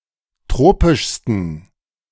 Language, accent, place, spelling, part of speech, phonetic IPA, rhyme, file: German, Germany, Berlin, tropischsten, adjective, [ˈtʁoːpɪʃstn̩], -oːpɪʃstn̩, De-tropischsten.ogg
- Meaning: 1. superlative degree of tropisch 2. inflection of tropisch: strong genitive masculine/neuter singular superlative degree